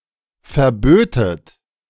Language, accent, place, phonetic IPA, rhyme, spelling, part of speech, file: German, Germany, Berlin, [fɛɐ̯ˈbøːtət], -øːtət, verbötet, verb, De-verbötet.ogg
- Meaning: second-person plural subjunctive II of verbieten